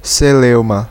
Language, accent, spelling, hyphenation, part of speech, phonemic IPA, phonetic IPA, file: Portuguese, Brazil, celeuma, ce‧leu‧ma, noun, /seˈlew.mɐ/, [seˈleʊ̯.mɐ], Pt-br-celeuma.ogg
- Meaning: 1. sea shanty 2. work song 3. racket (loud noise)